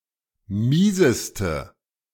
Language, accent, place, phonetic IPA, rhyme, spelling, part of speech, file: German, Germany, Berlin, [ˈmiːzəstə], -iːzəstə, mieseste, adjective, De-mieseste.ogg
- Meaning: inflection of mies: 1. strong/mixed nominative/accusative feminine singular superlative degree 2. strong nominative/accusative plural superlative degree